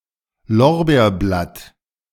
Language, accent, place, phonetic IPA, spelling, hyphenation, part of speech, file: German, Germany, Berlin, [ˈlɔʁbeːɐ̯ˌblat], Lorbeerblatt, Lor‧beer‧blatt, noun, De-Lorbeerblatt.ogg
- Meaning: bay leaf